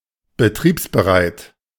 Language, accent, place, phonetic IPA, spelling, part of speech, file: German, Germany, Berlin, [bəˈtʁiːpsbəˌʁaɪ̯t], betriebsbereit, adjective, De-betriebsbereit.ogg
- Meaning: operational